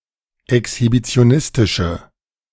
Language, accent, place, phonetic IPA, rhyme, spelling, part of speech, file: German, Germany, Berlin, [ɛkshibit͡si̯oˈnɪstɪʃə], -ɪstɪʃə, exhibitionistische, adjective, De-exhibitionistische.ogg
- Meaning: inflection of exhibitionistisch: 1. strong/mixed nominative/accusative feminine singular 2. strong nominative/accusative plural 3. weak nominative all-gender singular